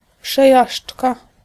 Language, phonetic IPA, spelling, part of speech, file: Polish, [pʃɛˈjaʃt͡ʃka], przejażdżka, noun, Pl-przejażdżka.ogg